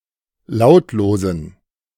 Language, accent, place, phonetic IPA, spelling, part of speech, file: German, Germany, Berlin, [ˈlaʊ̯tloːzn̩], lautlosen, adjective, De-lautlosen.ogg
- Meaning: inflection of lautlos: 1. strong genitive masculine/neuter singular 2. weak/mixed genitive/dative all-gender singular 3. strong/weak/mixed accusative masculine singular 4. strong dative plural